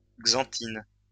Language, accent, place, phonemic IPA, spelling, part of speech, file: French, France, Lyon, /ɡzɑ̃.tin/, xanthine, noun, LL-Q150 (fra)-xanthine.wav
- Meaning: xanthine